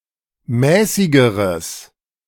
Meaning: strong/mixed nominative/accusative neuter singular comparative degree of mäßig
- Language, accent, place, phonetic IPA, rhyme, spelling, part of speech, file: German, Germany, Berlin, [ˈmɛːsɪɡəʁəs], -ɛːsɪɡəʁəs, mäßigeres, adjective, De-mäßigeres.ogg